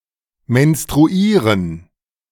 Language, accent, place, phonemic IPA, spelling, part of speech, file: German, Germany, Berlin, /mɛnstʁuˈiːʁən/, menstruieren, verb, De-menstruieren.ogg
- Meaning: to menstruate